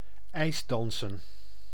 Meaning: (noun) ice dancing (subdiscipline of figure skating); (verb) to engage in ice dancing
- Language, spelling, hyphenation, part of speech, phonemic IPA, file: Dutch, ijsdansen, ijs‧dan‧sen, noun / verb, /ˈɛi̯sˌdɑn.sə(n)/, Nl-ijsdansen.ogg